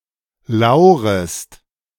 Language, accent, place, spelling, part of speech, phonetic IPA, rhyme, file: German, Germany, Berlin, laurest, verb, [ˈlaʊ̯ʁəst], -aʊ̯ʁəst, De-laurest.ogg
- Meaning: second-person singular subjunctive I of lauern